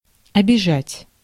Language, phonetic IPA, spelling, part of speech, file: Russian, [ɐbʲɪˈʐatʲ], обижать, verb, Ru-обижать.ogg
- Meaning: to offend, to hurt someone's feelings, to abuse, to insult